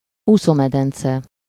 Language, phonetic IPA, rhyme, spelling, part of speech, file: Hungarian, [ˈuːsoːmɛdɛnt͡sɛ], -t͡sɛ, úszómedence, noun, Hu-úszómedence.ogg
- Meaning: swimming pool (a pool used for swimming)